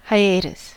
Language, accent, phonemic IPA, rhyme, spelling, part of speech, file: English, US, /haɪˈeɪtəs/, -eɪtəs, hiatus, noun, En-us-hiatus.ogg
- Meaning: 1. A gap in a series, making it incomplete 2. An interruption, break, pause or absence 3. An temporary break from work, especially one which is unexpected 4. A gap in geological strata